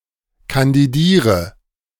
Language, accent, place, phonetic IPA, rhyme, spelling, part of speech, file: German, Germany, Berlin, [kandiˈdiːʁə], -iːʁə, kandidiere, verb, De-kandidiere.ogg
- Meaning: inflection of kandidieren: 1. first-person singular present 2. singular imperative 3. first/third-person singular subjunctive I